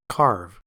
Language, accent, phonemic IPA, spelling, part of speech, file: English, US, /kɑɹv/, carve, verb / noun, En-us-carve.ogg
- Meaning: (verb) 1. To cut 2. To cut meat in order to serve it